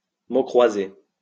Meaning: crossword (word puzzle in which interlocking words are entered usually horizontally and vertically into a grid based on clues given for each word)
- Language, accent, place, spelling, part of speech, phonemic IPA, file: French, France, Lyon, mots croisés, noun, /mo kʁwa.ze/, LL-Q150 (fra)-mots croisés.wav